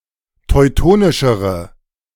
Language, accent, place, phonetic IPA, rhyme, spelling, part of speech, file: German, Germany, Berlin, [tɔɪ̯ˈtoːnɪʃəʁə], -oːnɪʃəʁə, teutonischere, adjective, De-teutonischere.ogg
- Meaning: inflection of teutonisch: 1. strong/mixed nominative/accusative feminine singular comparative degree 2. strong nominative/accusative plural comparative degree